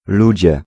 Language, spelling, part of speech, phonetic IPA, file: Polish, ludzie, noun, [ˈlud͡ʑɛ], Pl-ludzie.ogg